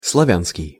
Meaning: Slav, Slavic
- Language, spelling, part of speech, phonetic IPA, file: Russian, славянский, adjective, [sɫɐˈvʲanskʲɪj], Ru-славянский.ogg